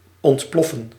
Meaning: to explode
- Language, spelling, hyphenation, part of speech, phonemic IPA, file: Dutch, ontploffen, ont‧plof‧fen, verb, /ˌɔntˈplɔ.fə(n)/, Nl-ontploffen.ogg